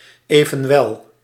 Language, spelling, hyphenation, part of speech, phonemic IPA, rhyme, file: Dutch, evenwel, even‧wel, conjunction, /ˌeː.və(n)ˈʋɛl/, -ɛl, Nl-evenwel.ogg
- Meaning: however